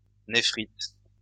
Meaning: 1. nephritis 2. nephrite
- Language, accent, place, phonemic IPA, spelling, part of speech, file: French, France, Lyon, /ne.fʁit/, néphrite, noun, LL-Q150 (fra)-néphrite.wav